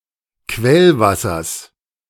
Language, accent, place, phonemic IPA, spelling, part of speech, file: German, Germany, Berlin, /ˈkvɛlˌvasɐs/, Quellwassers, noun, De-Quellwassers.ogg
- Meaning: genitive singular of Quellwasser